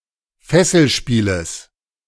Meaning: genitive singular of Fesselspiel
- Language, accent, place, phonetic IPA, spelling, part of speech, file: German, Germany, Berlin, [ˈfɛsl̩ˌʃpiːləs], Fesselspieles, noun, De-Fesselspieles.ogg